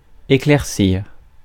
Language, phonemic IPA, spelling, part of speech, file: French, /e.klɛʁ.siʁ/, éclaircir, verb, Fr-éclaircir.ogg
- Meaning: 1. to brighten (up) 2. to thin (down) 3. to clear up, solve, clarify (mystery, problem etc.)